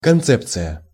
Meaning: concept, idea
- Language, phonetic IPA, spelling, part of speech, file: Russian, [kɐnˈt͡sɛpt͡sɨjə], концепция, noun, Ru-концепция.ogg